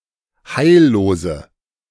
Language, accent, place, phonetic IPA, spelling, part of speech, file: German, Germany, Berlin, [ˈhaɪ̯lloːzə], heillose, adjective, De-heillose.ogg
- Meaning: inflection of heillos: 1. strong/mixed nominative/accusative feminine singular 2. strong nominative/accusative plural 3. weak nominative all-gender singular 4. weak accusative feminine/neuter singular